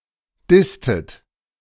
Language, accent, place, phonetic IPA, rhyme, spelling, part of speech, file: German, Germany, Berlin, [ˈdɪstət], -ɪstət, disstet, verb, De-disstet.ogg
- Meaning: inflection of dissen: 1. second-person plural preterite 2. second-person plural subjunctive II